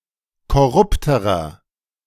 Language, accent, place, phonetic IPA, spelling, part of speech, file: German, Germany, Berlin, [kɔˈʁʊptəʁɐ], korrupterer, adjective, De-korrupterer.ogg
- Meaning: inflection of korrupt: 1. strong/mixed nominative masculine singular comparative degree 2. strong genitive/dative feminine singular comparative degree 3. strong genitive plural comparative degree